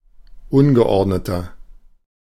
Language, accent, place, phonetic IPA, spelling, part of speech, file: German, Germany, Berlin, [ˈʊnɡəˌʔɔʁdnətɐ], ungeordneter, adjective, De-ungeordneter.ogg
- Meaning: 1. comparative degree of ungeordnet 2. inflection of ungeordnet: strong/mixed nominative masculine singular 3. inflection of ungeordnet: strong genitive/dative feminine singular